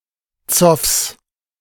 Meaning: genitive singular of Zoff
- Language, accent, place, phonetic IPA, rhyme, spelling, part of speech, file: German, Germany, Berlin, [t͡sɔfs], -ɔfs, Zoffs, noun, De-Zoffs.ogg